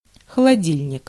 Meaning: fridge, refrigerator (verbal noun of холоди́ть (xolodítʹ) (nomen instrumenti et loci))
- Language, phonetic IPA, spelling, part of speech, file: Russian, [xəɫɐˈdʲilʲnʲɪk], холодильник, noun, Ru-холодильник.ogg